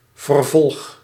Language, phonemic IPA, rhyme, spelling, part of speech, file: Dutch, /vərˈvɔlx/, -ɔlx, vervolg, noun / verb, Nl-vervolg.ogg
- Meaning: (noun) sequel, follow-up; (verb) inflection of vervolgen: 1. first-person singular present indicative 2. second-person singular present indicative 3. imperative